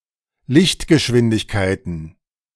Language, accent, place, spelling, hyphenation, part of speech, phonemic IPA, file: German, Germany, Berlin, Lichtgeschwindigkeiten, Licht‧ge‧schwin‧dig‧kei‧ten, noun, /ˈlɪçtɡəˌʃvɪndɪçkaɪ̯tən/, De-Lichtgeschwindigkeiten.ogg
- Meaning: plural of Lichtgeschwindigkeit